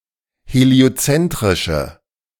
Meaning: inflection of heliozentrisch: 1. strong/mixed nominative/accusative feminine singular 2. strong nominative/accusative plural 3. weak nominative all-gender singular
- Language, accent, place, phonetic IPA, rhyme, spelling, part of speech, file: German, Germany, Berlin, [heli̯oˈt͡sɛntʁɪʃə], -ɛntʁɪʃə, heliozentrische, adjective, De-heliozentrische.ogg